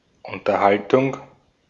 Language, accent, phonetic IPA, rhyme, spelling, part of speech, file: German, Austria, [ʊntɐˈhaltʊŋ], -altʊŋ, Unterhaltung, noun, De-at-Unterhaltung.ogg
- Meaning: 1. conversation 2. entertainment